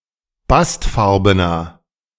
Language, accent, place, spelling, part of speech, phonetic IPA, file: German, Germany, Berlin, bastfarbener, adjective, [ˈbastˌfaʁbənɐ], De-bastfarbener.ogg
- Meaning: inflection of bastfarben: 1. strong/mixed nominative masculine singular 2. strong genitive/dative feminine singular 3. strong genitive plural